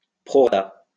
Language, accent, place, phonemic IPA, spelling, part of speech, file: French, France, Lyon, /pʁɔ.ʁa.ta/, prorata, noun, LL-Q150 (fra)-prorata.wav
- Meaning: proportion